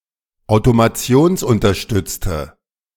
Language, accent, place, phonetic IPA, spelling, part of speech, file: German, Germany, Berlin, [aʊ̯tomaˈt͡si̯oːnsʔʊntɐˌʃtʏt͡stə], automationsunterstützte, adjective, De-automationsunterstützte.ogg
- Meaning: inflection of automationsunterstützt: 1. strong/mixed nominative/accusative feminine singular 2. strong nominative/accusative plural 3. weak nominative all-gender singular